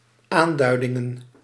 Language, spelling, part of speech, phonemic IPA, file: Dutch, aanduidingen, noun, /ˈandœydɪŋə(n)/, Nl-aanduidingen.ogg
- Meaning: plural of aanduiding